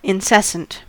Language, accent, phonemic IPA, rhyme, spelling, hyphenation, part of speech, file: English, US, /ɪnˈsɛs.ənt/, -ɛsənt, incessant, in‧ces‧sant, adjective, En-us-incessant.ogg
- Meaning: Without pause or stop; not ending, especially to the point of annoyance